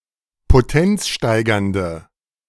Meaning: inflection of potenzsteigernd: 1. strong/mixed nominative/accusative feminine singular 2. strong nominative/accusative plural 3. weak nominative all-gender singular
- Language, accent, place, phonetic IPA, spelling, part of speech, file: German, Germany, Berlin, [poˈtɛnt͡sˌʃtaɪ̯ɡɐndə], potenzsteigernde, adjective, De-potenzsteigernde.ogg